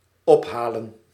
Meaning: 1. to haul up, to raise 2. to collect
- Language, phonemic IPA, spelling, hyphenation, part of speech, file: Dutch, /ˈɔpˌɦaː.lə(n)/, ophalen, op‧ha‧len, verb, Nl-ophalen.ogg